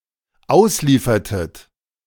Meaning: inflection of ausliefern: 1. second-person plural dependent preterite 2. second-person plural dependent subjunctive II
- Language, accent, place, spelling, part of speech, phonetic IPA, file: German, Germany, Berlin, ausliefertet, verb, [ˈaʊ̯sˌliːfɐtət], De-ausliefertet.ogg